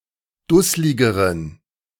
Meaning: inflection of dusslig: 1. strong genitive masculine/neuter singular comparative degree 2. weak/mixed genitive/dative all-gender singular comparative degree
- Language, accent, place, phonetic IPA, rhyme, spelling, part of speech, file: German, Germany, Berlin, [ˈdʊslɪɡəʁən], -ʊslɪɡəʁən, dussligeren, adjective, De-dussligeren.ogg